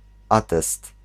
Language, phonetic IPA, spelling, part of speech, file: Polish, [ˈatɛst], atest, noun, Pl-atest.ogg